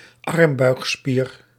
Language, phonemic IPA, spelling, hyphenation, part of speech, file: Dutch, /ˈɑrm.bœy̯x.spiːr/, armbuigspier, arm‧buig‧spier, noun, Nl-armbuigspier.ogg
- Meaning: biceps brachii